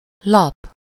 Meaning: 1. sheet (thin, flat piece of any solid material) 2. sheet (piece of paper, usually rectangular, that has been prepared for writing, printing or other uses)
- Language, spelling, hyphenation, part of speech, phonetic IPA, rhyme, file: Hungarian, lap, lap, noun, [ˈlɒp], -ɒp, Hu-lap.ogg